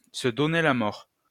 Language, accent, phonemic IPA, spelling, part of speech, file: French, France, /sə dɔ.ne la mɔʁ/, se donner la mort, verb, LL-Q150 (fra)-se donner la mort.wav
- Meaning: to commit suicide